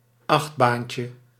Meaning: diminutive of achtbaan
- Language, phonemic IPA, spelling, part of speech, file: Dutch, /ˈɑxtbancə/, achtbaantje, noun, Nl-achtbaantje.ogg